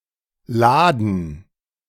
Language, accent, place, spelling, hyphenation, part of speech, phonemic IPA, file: German, Germany, Berlin, Laden, La‧den, noun, /ˈlaːdən/, De-Laden.ogg
- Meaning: shop, store (establishment that sells goods or services to the public; originally only a physical location, but now a virtual establishment as well)